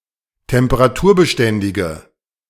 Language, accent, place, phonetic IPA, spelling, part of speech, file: German, Germany, Berlin, [tɛmpəʁaˈtuːɐ̯bəˌʃtɛndɪɡə], temperaturbeständige, adjective, De-temperaturbeständige.ogg
- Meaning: inflection of temperaturbeständig: 1. strong/mixed nominative/accusative feminine singular 2. strong nominative/accusative plural 3. weak nominative all-gender singular